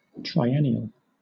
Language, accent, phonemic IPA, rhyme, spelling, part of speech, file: English, Southern England, /tɹaɪˈɛni.əl/, -ɛniəl, triennial, adjective / noun, LL-Q1860 (eng)-triennial.wav
- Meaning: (adjective) 1. Happening every three years 2. Lasting for three years; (noun) 1. A third anniversary 2. A plant that requires three years to complete its life-cycle